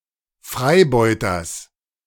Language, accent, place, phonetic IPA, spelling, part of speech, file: German, Germany, Berlin, [ˈfʁaɪ̯ˌbɔɪ̯tɐs], Freibeuters, noun, De-Freibeuters.ogg
- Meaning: genitive singular of Freibeuter